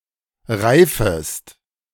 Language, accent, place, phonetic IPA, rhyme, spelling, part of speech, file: German, Germany, Berlin, [ˈʁaɪ̯fəst], -aɪ̯fəst, reifest, verb, De-reifest.ogg
- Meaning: second-person singular subjunctive I of reifen